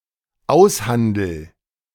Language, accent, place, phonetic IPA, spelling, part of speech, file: German, Germany, Berlin, [ˈaʊ̯sˌhandl̩], aushandel, verb, De-aushandel.ogg
- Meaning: first-person singular dependent present of aushandeln